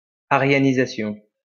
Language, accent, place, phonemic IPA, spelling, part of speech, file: French, France, Lyon, /a.ʁja.ni.za.sjɔ̃/, aryanisation, noun, LL-Q150 (fra)-aryanisation.wav
- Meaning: Aryanization